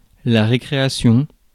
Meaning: 1. recreation 2. (US) recess, (UK) break
- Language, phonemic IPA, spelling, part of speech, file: French, /ʁe.kʁe.a.sjɔ̃/, récréation, noun, Fr-récréation.ogg